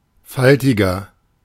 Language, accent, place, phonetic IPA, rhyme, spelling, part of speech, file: German, Germany, Berlin, [ˈfaltɪɡɐ], -altɪɡɐ, faltiger, adjective, De-faltiger.ogg
- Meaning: 1. comparative degree of faltig 2. inflection of faltig: strong/mixed nominative masculine singular 3. inflection of faltig: strong genitive/dative feminine singular